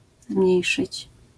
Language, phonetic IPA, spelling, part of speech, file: Polish, [ˈzmʲɲɛ̇jʃɨt͡ɕ], zmniejszyć, verb, LL-Q809 (pol)-zmniejszyć.wav